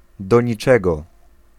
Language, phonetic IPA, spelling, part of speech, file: Polish, [ˌdɔ‿ɲiˈt͡ʃɛɡɔ], do niczego, adjectival phrase, Pl-do niczego.ogg